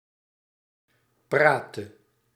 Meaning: inflection of praten: 1. singular past indicative 2. singular past subjunctive
- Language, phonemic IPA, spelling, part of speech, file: Dutch, /ˈpratə/, praatte, verb, Nl-praatte.ogg